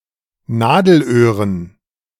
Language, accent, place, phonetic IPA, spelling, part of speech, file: German, Germany, Berlin, [ˈnaːdl̩ˌʔøːʁən], Nadelöhren, noun, De-Nadelöhren.ogg
- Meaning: dative plural of Nadelöhr